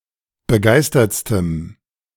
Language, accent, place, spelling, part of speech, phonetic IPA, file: German, Germany, Berlin, begeistertstem, adjective, [bəˈɡaɪ̯stɐt͡stəm], De-begeistertstem.ogg
- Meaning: strong dative masculine/neuter singular superlative degree of begeistert